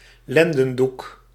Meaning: loincloth
- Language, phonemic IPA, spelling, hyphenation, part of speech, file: Dutch, /ˈlɛn.də(n)ˌduk/, lendendoek, len‧den‧doek, noun, Nl-lendendoek.ogg